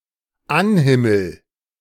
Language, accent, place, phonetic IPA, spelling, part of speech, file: German, Germany, Berlin, [ˈanˌhɪml̩], anhimmel, verb, De-anhimmel.ogg
- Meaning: first-person singular dependent present of anhimmeln